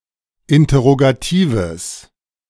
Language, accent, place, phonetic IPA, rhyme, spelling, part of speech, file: German, Germany, Berlin, [ˌɪntɐʁoɡaˈtiːvəs], -iːvəs, interrogatives, adjective, De-interrogatives.ogg
- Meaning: strong/mixed nominative/accusative neuter singular of interrogativ